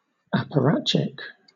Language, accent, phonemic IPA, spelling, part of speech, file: English, Southern England, /ɑːpəˈɹɑːt͡ʃɪk/, apparatchik, noun, LL-Q1860 (eng)-apparatchik.wav
- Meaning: 1. A member of the Soviet apparat; a Communist bureaucrat or agent 2. A blindly loyal bureaucrat